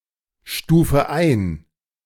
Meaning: inflection of einstufen: 1. first-person singular present 2. first/third-person singular subjunctive I 3. singular imperative
- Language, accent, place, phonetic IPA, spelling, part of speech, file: German, Germany, Berlin, [ˌʃtuːfə ˈaɪ̯n], stufe ein, verb, De-stufe ein.ogg